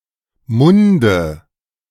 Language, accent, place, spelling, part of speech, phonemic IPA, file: German, Germany, Berlin, Munde, noun, /ˈmʊndə/, De-Munde.ogg
- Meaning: dative singular of Mund